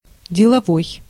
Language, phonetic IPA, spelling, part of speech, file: Russian, [dʲɪɫɐˈvoj], деловой, adjective, Ru-деловой.ogg
- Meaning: 1. business, work, working 2. businesslike 3. flippant, uppity 4. suitable for use as material; not firewood (of wood, etc.)